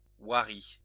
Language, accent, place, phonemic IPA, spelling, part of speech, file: French, France, Lyon, /wa.ʁi/, hoirie, noun, LL-Q150 (fra)-hoirie.wav
- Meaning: inheritance